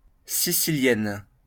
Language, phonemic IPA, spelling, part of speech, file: French, /si.si.ljɛn/, sicilienne, noun / adjective, LL-Q150 (fra)-sicilienne.wav
- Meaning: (noun) siciliana (Sicilian dance resembling the pastorale, set to a slow and graceful melody in 12-8 or 6-8 measure); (adjective) feminine singular of sicilien